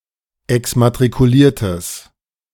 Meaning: strong/mixed nominative/accusative neuter singular of exmatrikuliert
- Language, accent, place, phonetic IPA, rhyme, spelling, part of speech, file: German, Germany, Berlin, [ɛksmatʁikuˈliːɐ̯təs], -iːɐ̯təs, exmatrikuliertes, adjective, De-exmatrikuliertes.ogg